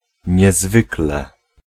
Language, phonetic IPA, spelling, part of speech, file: Polish, [ɲɛˈzvɨklɛ], niezwykle, adverb, Pl-niezwykle.ogg